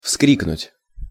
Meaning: to shout out loudly
- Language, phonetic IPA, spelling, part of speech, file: Russian, [ˈfskrʲiknʊtʲ], вскрикнуть, verb, Ru-вскрикнуть.ogg